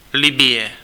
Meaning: Libya (a country in North Africa)
- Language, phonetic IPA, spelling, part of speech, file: Czech, [ˈlɪbɪjɛ], Libye, proper noun, Cs-Libye.ogg